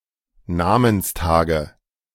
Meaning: nominative/accusative/genitive plural of Namenstag
- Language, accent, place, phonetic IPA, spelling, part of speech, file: German, Germany, Berlin, [ˈnaːmənsˌtaːɡə], Namenstage, noun, De-Namenstage.ogg